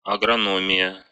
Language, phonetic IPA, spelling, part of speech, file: Russian, [ɐɡrɐˈnomʲɪjə], агрономия, noun, Ru-агроно́мия.ogg
- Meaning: agronomy, agronomics